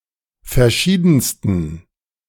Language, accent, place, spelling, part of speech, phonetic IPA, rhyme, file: German, Germany, Berlin, verschiedensten, adjective, [fɛɐ̯ˈʃiːdn̩stən], -iːdn̩stən, De-verschiedensten.ogg
- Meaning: 1. superlative degree of verschieden 2. inflection of verschieden: strong genitive masculine/neuter singular superlative degree